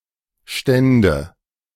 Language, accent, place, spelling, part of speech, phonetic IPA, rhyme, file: German, Germany, Berlin, Stände, noun, [ˈʃtɛndə], -ɛndə, De-Stände.ogg
- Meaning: nominative/accusative/genitive plural of Stand